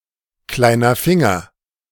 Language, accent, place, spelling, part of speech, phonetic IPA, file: German, Germany, Berlin, kleiner Finger, phrase, [ˌklaɪ̯nɐ ˈfɪŋɐ], De-kleiner Finger.ogg
- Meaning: little finger, pinky